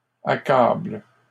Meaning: second-person singular present indicative/subjunctive of accabler
- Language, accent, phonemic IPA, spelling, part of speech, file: French, Canada, /a.kabl/, accables, verb, LL-Q150 (fra)-accables.wav